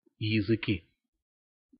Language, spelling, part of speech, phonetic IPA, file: Russian, языки, noun, [(j)ɪzɨˈkʲi], Ru-языки.ogg
- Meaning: inflection of язы́к (jazýk): 1. nominative plural 2. inanimate accusative plural